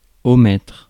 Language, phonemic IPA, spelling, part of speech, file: French, /ɔ.mɛtʁ/, omettre, verb, Fr-omettre.ogg
- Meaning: to omit